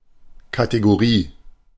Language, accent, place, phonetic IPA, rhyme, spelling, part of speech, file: German, Germany, Berlin, [ˌkateɡoˈʁiː], -iː, Kategorie, noun, De-Kategorie.ogg
- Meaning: category